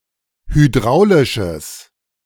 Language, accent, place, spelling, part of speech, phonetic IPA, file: German, Germany, Berlin, hydraulisches, adjective, [hyˈdʁaʊ̯lɪʃəs], De-hydraulisches.ogg
- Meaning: strong/mixed nominative/accusative neuter singular of hydraulisch